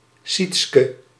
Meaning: a female given name from West Frisian of West Frisian origin
- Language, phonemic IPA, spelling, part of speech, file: Dutch, /ˈsitskə/, Sietske, proper noun, Nl-Sietske.ogg